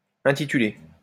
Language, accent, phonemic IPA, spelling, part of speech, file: French, France, /ɛ̃.ti.ty.le/, intituler, verb, LL-Q150 (fra)-intituler.wav
- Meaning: 1. to title (eg. a book) 2. to be titled